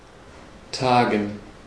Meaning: 1. to meet 2. to dawn
- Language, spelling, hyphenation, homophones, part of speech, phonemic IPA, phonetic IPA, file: German, tagen, ta‧gen, Tagen, verb, /ˈtaːɡən/, [ˈtaːɡŋ̩], De-tagen.ogg